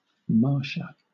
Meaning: A female given name from Latin
- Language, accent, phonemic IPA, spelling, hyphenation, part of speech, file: English, Southern England, /ˈmɑːʃə/, Marcia, Mar‧cia, proper noun, LL-Q1860 (eng)-Marcia.wav